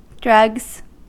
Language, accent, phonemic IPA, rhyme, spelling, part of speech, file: English, US, /dɹʌɡz/, -ʌɡz, drugs, noun / verb, En-us-drugs.ogg
- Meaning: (noun) plural of drug; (verb) third-person singular simple present indicative of drug